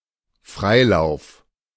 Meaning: freewheel
- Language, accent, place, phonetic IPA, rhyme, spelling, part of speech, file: German, Germany, Berlin, [ˈfʁaɪ̯ˌlaʊ̯f], -aɪ̯laʊ̯f, Freilauf, noun, De-Freilauf.ogg